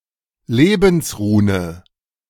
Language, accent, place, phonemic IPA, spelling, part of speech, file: German, Germany, Berlin, /ˈleːbn̩sˌʁuːnə/, Lebensrune, noun, De-Lebensrune.ogg
- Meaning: The rune ᛉ (Algiz), symbolizing life according to Ariosophy